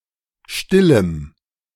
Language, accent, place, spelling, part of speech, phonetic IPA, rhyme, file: German, Germany, Berlin, stillem, adjective, [ˈʃtɪləm], -ɪləm, De-stillem.ogg
- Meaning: strong dative masculine/neuter singular of still